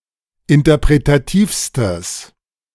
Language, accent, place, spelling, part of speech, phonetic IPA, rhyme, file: German, Germany, Berlin, interpretativstes, adjective, [ɪntɐpʁetaˈtiːfstəs], -iːfstəs, De-interpretativstes.ogg
- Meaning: strong/mixed nominative/accusative neuter singular superlative degree of interpretativ